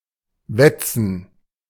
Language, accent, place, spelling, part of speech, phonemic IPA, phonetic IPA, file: German, Germany, Berlin, wetzen, verb, /ˈvɛt͡sən/, [ˈvɛt͡sn̩], De-wetzen.ogg
- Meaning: 1. to whet, to sharpen 2. to preen, rub 3. to dash, run someplace hurriedly